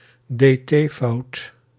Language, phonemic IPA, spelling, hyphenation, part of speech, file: Dutch, /deːˈteːˌfɑu̯t/, dt-fout, dt-fout, noun, Nl-dt-fout.ogg
- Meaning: a common spelling error in Dutch verb forms where homophonous forms with d, t or dt are confused